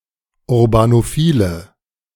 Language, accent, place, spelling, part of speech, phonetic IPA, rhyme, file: German, Germany, Berlin, urbanophile, adjective, [ʊʁbanoˈfiːlə], -iːlə, De-urbanophile.ogg
- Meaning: inflection of urbanophil: 1. strong/mixed nominative/accusative feminine singular 2. strong nominative/accusative plural 3. weak nominative all-gender singular